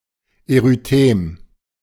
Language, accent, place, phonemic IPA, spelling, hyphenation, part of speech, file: German, Germany, Berlin, /eʁyˈteːm/, Erythem, Ery‧them, noun, De-Erythem.ogg
- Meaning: erythema